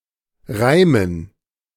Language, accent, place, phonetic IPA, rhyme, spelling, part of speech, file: German, Germany, Berlin, [ˈʁaɪ̯mən], -aɪ̯mən, Reimen, noun, De-Reimen.ogg
- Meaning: dative plural of Reim